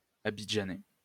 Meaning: of Abidjan; Abidjanese
- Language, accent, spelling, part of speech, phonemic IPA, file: French, France, abidjanais, adjective, /a.bi.dʒa.nɛ/, LL-Q150 (fra)-abidjanais.wav